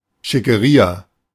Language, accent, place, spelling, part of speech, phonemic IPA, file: German, Germany, Berlin, Schickeria, noun, /ʃɪ.kəˈʁiːa/, De-Schickeria.ogg
- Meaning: in crowd